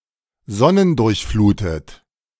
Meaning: sun-drenched
- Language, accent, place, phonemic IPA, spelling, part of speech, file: German, Germany, Berlin, /ˈzɔnəndʊʁçˌfluːtət/, sonnendurchflutet, adjective, De-sonnendurchflutet.ogg